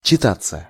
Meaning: 1. to read 2. to feel like reading 3. passive of чита́ть (čitátʹ)
- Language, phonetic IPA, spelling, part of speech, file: Russian, [t͡ɕɪˈtat͡sːə], читаться, verb, Ru-читаться.ogg